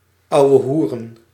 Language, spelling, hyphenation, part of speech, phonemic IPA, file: Dutch, ouwehoeren, ou‧we‧hoe‧ren, verb, /ˌɑu̯.əˈɦu.rə(n)/, Nl-ouwehoeren.ogg
- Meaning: to banter, to chitchat, to bullshit